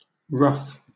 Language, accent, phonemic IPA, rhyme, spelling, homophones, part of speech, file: English, Southern England, /ɹʌf/, -ʌf, ruff, rough / ruffe, noun / verb / interjection / adjective, LL-Q1860 (eng)-ruff.wav
- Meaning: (noun) A circular frill or ruffle on a garment, especially a starched, fluted frill at the neck in Elizabethan and Jacobean England (1560s–1620s)